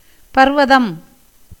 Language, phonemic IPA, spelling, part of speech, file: Tamil, /pɐɾʋɐd̪ɐm/, பர்வதம், noun, Ta-பர்வதம்.ogg
- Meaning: mountain, hill